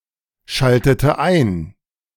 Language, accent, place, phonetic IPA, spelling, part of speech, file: German, Germany, Berlin, [ˌʃaltətə ˈaɪ̯n], schaltete ein, verb, De-schaltete ein.ogg
- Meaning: inflection of einschalten: 1. first/third-person singular preterite 2. first/third-person singular subjunctive II